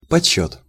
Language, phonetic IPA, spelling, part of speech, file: Russian, [pɐt͡ɕˈɕːɵt], подсчёт, noun, Ru-подсчёт.ogg
- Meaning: calculation, count